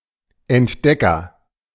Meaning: agent noun of entdecken: 1. discoverer 2. explorer (A person who by expedition seeks new information.)
- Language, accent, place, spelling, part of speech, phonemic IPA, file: German, Germany, Berlin, Entdecker, noun, /ɛntˈdɛkɐ/, De-Entdecker.ogg